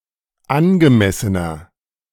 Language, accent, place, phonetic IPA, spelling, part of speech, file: German, Germany, Berlin, [ˈanɡəˌmɛsənɐ], angemessener, adjective, De-angemessener.ogg
- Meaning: 1. comparative degree of angemessen 2. inflection of angemessen: strong/mixed nominative masculine singular 3. inflection of angemessen: strong genitive/dative feminine singular